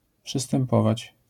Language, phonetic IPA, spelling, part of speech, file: Polish, [ˌpʃɨstɛ̃mˈpɔvat͡ɕ], przystępować, verb, LL-Q809 (pol)-przystępować.wav